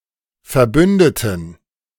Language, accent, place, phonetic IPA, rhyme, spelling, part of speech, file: German, Germany, Berlin, [fɛɐ̯ˈbʏndətn̩], -ʏndətn̩, verbündeten, adjective / verb, De-verbündeten.ogg
- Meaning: inflection of verbünden: 1. first/third-person plural preterite 2. first/third-person plural subjunctive II